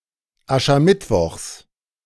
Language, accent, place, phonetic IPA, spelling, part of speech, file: German, Germany, Berlin, [ˌaʃɐˈmɪtvɔxs], Aschermittwochs, noun, De-Aschermittwochs.ogg
- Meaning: genitive singular of Aschermittwoch